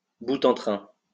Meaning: 1. a teaser, a gomer 2. a funny person, a jolly fellow
- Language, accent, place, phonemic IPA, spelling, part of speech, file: French, France, Lyon, /bu.tɑ̃.tʁɛ̃/, boute-en-train, noun, LL-Q150 (fra)-boute-en-train.wav